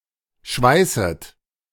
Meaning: second-person plural subjunctive I of schweißen
- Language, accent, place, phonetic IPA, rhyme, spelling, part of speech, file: German, Germany, Berlin, [ˈʃvaɪ̯sət], -aɪ̯sət, schweißet, verb, De-schweißet.ogg